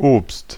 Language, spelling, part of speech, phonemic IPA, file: German, Obst, noun, /oːpst/, De-Obst.ogg
- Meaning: 1. fruit (food) 2. cocaine